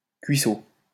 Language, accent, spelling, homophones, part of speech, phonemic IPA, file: French, France, cuissot, cuisseau / cuisseaux / cuissots, noun, /kɥi.so/, LL-Q150 (fra)-cuissot.wav
- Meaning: thigh (meat) of game